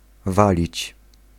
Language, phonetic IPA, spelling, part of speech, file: Polish, [ˈvalʲit͡ɕ], walić, verb, Pl-walić.ogg